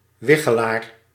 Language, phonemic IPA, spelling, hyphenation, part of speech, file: Dutch, /ˈʋɪ.xəˌlaːr/, wichelaar, wi‧che‧laar, noun, Nl-wichelaar.ogg
- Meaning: 1. fortuneteller, diviner 2. dowser, one who uses a dowsing rod